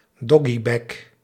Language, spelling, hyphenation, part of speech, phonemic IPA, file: Dutch, doggybag, dog‧gy‧bag, noun, /ˈdɔ.ɡiˌbɛɡ/, Nl-doggybag.ogg
- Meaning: a doggy bag (container for taking home the leftovers of a meal)